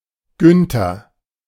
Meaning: 1. a male given name from Old High German, popular from the 1920s to the 1940s 2. a surname originating as a patronymic
- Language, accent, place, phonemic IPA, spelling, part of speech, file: German, Germany, Berlin, /ˈɡʏntɐ/, Günther, proper noun, De-Günther.ogg